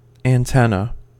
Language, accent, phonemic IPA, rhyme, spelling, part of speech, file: English, US, /ænˈtɛn.ə/, -ɛnə, antenna, noun, En-us-antenna.ogg
- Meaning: 1. An appendage used for sensing on the head of an insect, crab, or other animal 2. An apparatus to receive or transmit electromagnetic waves and convert respectively to or from an electrical signal